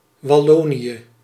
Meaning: Wallonia
- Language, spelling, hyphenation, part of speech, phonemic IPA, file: Dutch, Wallonië, Wal‧lo‧nië, proper noun, /ʋɑˈloːni(j)ə/, Nl-Wallonië.ogg